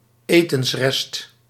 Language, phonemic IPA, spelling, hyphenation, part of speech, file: Dutch, /ˈeː.təns.rɛst/, etensrest, etens‧rest, noun, Nl-etensrest.ogg
- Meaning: food scrap, leftovers